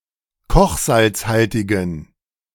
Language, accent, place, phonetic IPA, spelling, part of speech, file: German, Germany, Berlin, [ˈkɔxzalt͡sˌhaltɪɡn̩], kochsalzhaltigen, adjective, De-kochsalzhaltigen.ogg
- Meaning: inflection of kochsalzhaltig: 1. strong genitive masculine/neuter singular 2. weak/mixed genitive/dative all-gender singular 3. strong/weak/mixed accusative masculine singular 4. strong dative plural